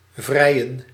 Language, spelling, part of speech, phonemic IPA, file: Dutch, vrijen, verb, /ˈvrɛi̯ə(n)/, Nl-vrijen.ogg
- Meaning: 1. to make love, to have sex 2. to make out, to cuddle, to hug and kiss 3. to have a relationship, to be a couple, to go out with someone 4. to court, to woo 5. synonym of bevrijden